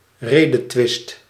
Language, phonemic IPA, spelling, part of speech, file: Dutch, /ˈredətwɪst/, redetwist, noun / verb, Nl-redetwist.ogg
- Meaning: inflection of redetwisten: 1. first/second/third-person singular present indicative 2. imperative